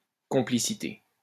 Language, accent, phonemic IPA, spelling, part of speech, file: French, France, /kɔ̃.pli.si.te/, complicité, noun, LL-Q150 (fra)-complicité.wav
- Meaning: 1. complicity, involvement 2. bond, complicity